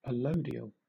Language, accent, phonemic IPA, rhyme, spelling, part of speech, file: English, Southern England, /əˈləʊ.di.əl/, -əʊdiəl, allodial, adjective / noun, LL-Q1860 (eng)-allodial.wav
- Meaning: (adjective) Pertaining to land owned by someone absolutely, without any feudal obligations; held without acknowledgement of any superior; allodial title; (noun) Anything held allodially